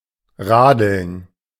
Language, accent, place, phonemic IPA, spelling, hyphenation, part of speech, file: German, Germany, Berlin, /ʁaːdl̩n/, radeln, ra‧deln, verb, De-radeln.ogg
- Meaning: to cycle